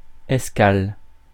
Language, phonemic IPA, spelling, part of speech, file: French, /ɛs.kal/, escale, noun, Fr-escale.ogg
- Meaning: 1. port of call 2. stopover